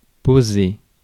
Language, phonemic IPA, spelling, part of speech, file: French, /po.ze/, poser, verb, Fr-poser.ogg
- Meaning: 1. to stop carrying, to put down (something or somebody) 2. to ask or pose (a question) 3. to land (a plane) 4. to lay, place 5. to install, fit 6. to relax, settle